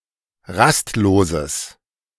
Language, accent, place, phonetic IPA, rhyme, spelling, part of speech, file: German, Germany, Berlin, [ˈʁastˌloːzəs], -astloːzəs, rastloses, adjective, De-rastloses.ogg
- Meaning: strong/mixed nominative/accusative neuter singular of rastlos